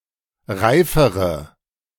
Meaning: inflection of reif: 1. strong/mixed nominative/accusative feminine singular comparative degree 2. strong nominative/accusative plural comparative degree
- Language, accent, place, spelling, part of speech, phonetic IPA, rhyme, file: German, Germany, Berlin, reifere, adjective, [ˈʁaɪ̯fəʁə], -aɪ̯fəʁə, De-reifere.ogg